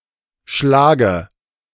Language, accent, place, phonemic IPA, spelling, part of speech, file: German, Germany, Berlin, /ˈʃlaːɡə/, schlage, verb, De-schlage.ogg
- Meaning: first-person singular present of schlagen